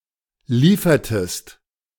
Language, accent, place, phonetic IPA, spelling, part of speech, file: German, Germany, Berlin, [ˈliːfɐtəst], liefertest, verb, De-liefertest.ogg
- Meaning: inflection of liefern: 1. second-person singular preterite 2. second-person singular subjunctive II